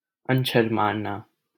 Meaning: to perform magic, sorcery, or a spell; to bespell
- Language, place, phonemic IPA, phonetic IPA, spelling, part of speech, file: Hindi, Delhi, /ən.t͡ʃʰəɾ mɑːɾ.nɑː/, [ɐ̃n.t͡ʃʰɐɾ‿mäːɾ.näː], अंछर मारना, verb, LL-Q1568 (hin)-अंछर मारना.wav